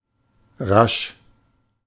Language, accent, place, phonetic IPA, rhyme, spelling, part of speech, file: German, Germany, Berlin, [ʁaʃ], -aʃ, rasch, adjective, De-rasch.ogg
- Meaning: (adjective) quick, rapid, swift; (adverb) quickly